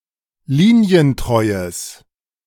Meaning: strong/mixed nominative/accusative neuter singular of linientreu
- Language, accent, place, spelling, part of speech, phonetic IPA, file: German, Germany, Berlin, linientreues, adjective, [ˈliːni̯ənˌtʁɔɪ̯əs], De-linientreues.ogg